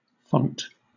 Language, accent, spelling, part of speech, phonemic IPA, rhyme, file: English, Southern England, font, noun / verb, /fɒnt/, -ɒnt, LL-Q1860 (eng)-font.wav
- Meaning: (noun) 1. A receptacle in a church for holy water, especially one used in baptism 2. A receptacle for lamp oil in a lamp